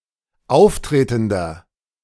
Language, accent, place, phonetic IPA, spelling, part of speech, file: German, Germany, Berlin, [ˈaʊ̯fˌtʁeːtn̩dɐ], auftretender, adjective, De-auftretender.ogg
- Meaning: inflection of auftretend: 1. strong/mixed nominative masculine singular 2. strong genitive/dative feminine singular 3. strong genitive plural